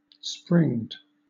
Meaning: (adjective) Having (a given type of) springs; equipped with (a given type of) springs; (verb) simple past and past participle of spring (“spend the springtime”)
- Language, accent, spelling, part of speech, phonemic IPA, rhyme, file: English, Southern England, springed, adjective / verb, /spɹɪŋd/, -ɪŋd, LL-Q1860 (eng)-springed.wav